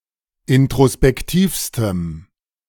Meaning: strong dative masculine/neuter singular superlative degree of introspektiv
- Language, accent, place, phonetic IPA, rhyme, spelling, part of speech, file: German, Germany, Berlin, [ɪntʁospɛkˈtiːfstəm], -iːfstəm, introspektivstem, adjective, De-introspektivstem.ogg